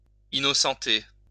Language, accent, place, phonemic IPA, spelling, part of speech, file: French, France, Lyon, /i.nɔ.sɑ̃.te/, innocenter, verb, LL-Q150 (fra)-innocenter.wav
- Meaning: to declare innocent, to absolve, to exonerate